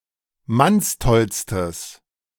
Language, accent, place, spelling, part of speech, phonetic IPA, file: German, Germany, Berlin, mannstollstes, adjective, [ˈmansˌtɔlstəs], De-mannstollstes.ogg
- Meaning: strong/mixed nominative/accusative neuter singular superlative degree of mannstoll